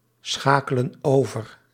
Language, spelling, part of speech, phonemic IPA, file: Dutch, schakelen over, verb, /ˈsxakələ(n) ˈovər/, Nl-schakelen over.ogg
- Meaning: inflection of overschakelen: 1. plural present indicative 2. plural present subjunctive